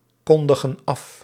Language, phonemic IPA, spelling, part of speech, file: Dutch, /ˈkɔndəɣə(n) ˈɑf/, kondigen af, verb, Nl-kondigen af.ogg
- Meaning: inflection of afkondigen: 1. plural present indicative 2. plural present subjunctive